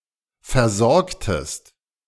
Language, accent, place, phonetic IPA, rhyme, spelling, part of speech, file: German, Germany, Berlin, [fɛɐ̯ˈzɔʁktəst], -ɔʁktəst, versorgtest, verb, De-versorgtest.ogg
- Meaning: inflection of versorgen: 1. second-person singular preterite 2. second-person singular subjunctive II